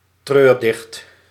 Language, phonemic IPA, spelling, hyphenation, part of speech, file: Dutch, /ˈtrøːr.dɪxt/, treurdicht, treur‧dicht, noun, Nl-treurdicht.ogg
- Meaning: an elegy, a dirge, a mournful poem